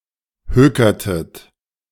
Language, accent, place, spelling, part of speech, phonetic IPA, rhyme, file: German, Germany, Berlin, hökertet, verb, [ˈhøːkɐtət], -øːkɐtət, De-hökertet.ogg
- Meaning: inflection of hökern: 1. second-person plural preterite 2. second-person plural subjunctive II